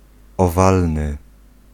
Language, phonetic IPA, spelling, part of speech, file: Polish, [ɔˈvalnɨ], owalny, adjective, Pl-owalny.ogg